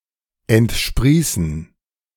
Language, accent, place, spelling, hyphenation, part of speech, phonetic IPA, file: German, Germany, Berlin, entsprießen, ent‧sprie‧ßen, verb, [ɛntˈʃpʁiːsn̩], De-entsprießen.ogg
- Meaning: to sprout out, spring out